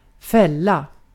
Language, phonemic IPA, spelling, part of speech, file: Swedish, /²fɛlːa/, fälla, noun, Sv-fälla.ogg
- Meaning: a trap